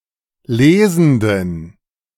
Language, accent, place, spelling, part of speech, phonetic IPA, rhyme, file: German, Germany, Berlin, lesenden, adjective, [ˈleːzn̩dən], -eːzn̩dən, De-lesenden.ogg
- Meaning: inflection of lesend: 1. strong genitive masculine/neuter singular 2. weak/mixed genitive/dative all-gender singular 3. strong/weak/mixed accusative masculine singular 4. strong dative plural